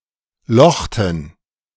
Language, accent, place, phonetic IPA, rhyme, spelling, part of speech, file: German, Germany, Berlin, [ˈlɔxtn̩], -ɔxtn̩, lochten, verb, De-lochten.ogg
- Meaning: inflection of lochen: 1. first/third-person plural preterite 2. first/third-person plural subjunctive II